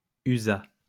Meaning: third-person singular past historic of user
- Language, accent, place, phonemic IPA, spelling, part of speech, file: French, France, Lyon, /y.za/, usa, verb, LL-Q150 (fra)-usa.wav